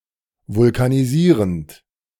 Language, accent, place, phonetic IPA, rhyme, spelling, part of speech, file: German, Germany, Berlin, [vʊlkaniˈziːʁənt], -iːʁənt, vulkanisierend, verb, De-vulkanisierend.ogg
- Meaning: present participle of vulkanisieren